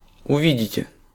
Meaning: second-person plural future indicative perfective of уви́деть (uvídetʹ)
- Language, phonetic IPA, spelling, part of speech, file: Russian, [ʊˈvʲidʲɪtʲe], увидите, verb, Ru-увидите.ogg